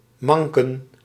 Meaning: to limp
- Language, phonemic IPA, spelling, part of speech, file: Dutch, /ˈmɑŋkə(n)/, manken, verb / noun, Nl-manken.ogg